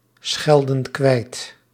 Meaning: inflection of kwijtschelden: 1. plural present indicative 2. plural present subjunctive
- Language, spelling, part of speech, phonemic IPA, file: Dutch, schelden kwijt, verb, /ˈsxɛldə(n) ˈkwɛit/, Nl-schelden kwijt.ogg